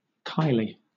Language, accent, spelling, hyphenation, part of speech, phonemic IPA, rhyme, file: English, Southern England, Kylie, Ky‧lie, proper noun, /ˈkaɪ.li/, -aɪli, LL-Q1860 (eng)-Kylie.wav
- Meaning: A female given name originating as a coinage; variant forms Khylie, Kilee, Kileigh, Kiley, Kylee, Kyleigh, Kyley, Kyly